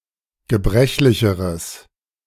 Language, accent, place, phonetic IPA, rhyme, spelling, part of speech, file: German, Germany, Berlin, [ɡəˈbʁɛçlɪçəʁəs], -ɛçlɪçəʁəs, gebrechlicheres, adjective, De-gebrechlicheres.ogg
- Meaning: strong/mixed nominative/accusative neuter singular comparative degree of gebrechlich